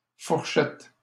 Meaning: plural of fourchette
- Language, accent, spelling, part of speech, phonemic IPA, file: French, Canada, fourchettes, noun, /fuʁ.ʃɛt/, LL-Q150 (fra)-fourchettes.wav